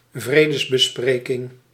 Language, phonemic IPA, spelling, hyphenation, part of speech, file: Dutch, /ˈvreː.dəs.bəˌspreː.kɪŋ/, vredesbespreking, vre‧des‧be‧spre‧king, noun, Nl-vredesbespreking.ogg
- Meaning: peace negotiation